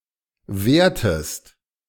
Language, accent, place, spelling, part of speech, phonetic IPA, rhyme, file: German, Germany, Berlin, wertest, verb, [ˈveːɐ̯təst], -eːɐ̯təst, De-wertest.ogg
- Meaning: inflection of werten: 1. second-person singular present 2. second-person singular subjunctive I